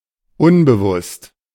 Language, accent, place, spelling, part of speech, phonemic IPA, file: German, Germany, Berlin, unbewusst, adjective, /ˈʊnbəˌvʊst/, De-unbewusst.ogg
- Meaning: unconscious, unaware